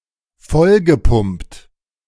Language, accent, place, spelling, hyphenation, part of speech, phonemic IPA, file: German, Germany, Berlin, vollgepumpt, voll‧ge‧pumpt, verb, /ˈfɔlɡəˌpʊmpt/, De-vollgepumpt.ogg
- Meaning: past participle of vollpumpen